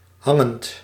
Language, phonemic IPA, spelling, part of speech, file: Dutch, /ˈhɑŋənt/, hangend, verb / adjective, Nl-hangend.ogg
- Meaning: present participle of hangen